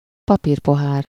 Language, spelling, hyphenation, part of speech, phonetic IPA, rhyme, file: Hungarian, papírpohár, pa‧pír‧po‧hár, noun, [ˈpɒpiːrpoɦaːr], -aːr, Hu-papírpohár.ogg
- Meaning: paper cup (a disposable cup made out of paper and often lined with plastic or wax to prevent liquid from leaking out or soaking through the paper)